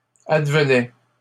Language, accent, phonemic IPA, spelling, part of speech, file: French, Canada, /ad.və.nɛ/, advenait, verb, LL-Q150 (fra)-advenait.wav
- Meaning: third-person singular imperfect indicative of advenir